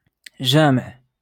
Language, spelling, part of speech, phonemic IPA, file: Moroccan Arabic, جامع, noun, /ʒaː.miʕ/, LL-Q56426 (ary)-جامع.wav
- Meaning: mosque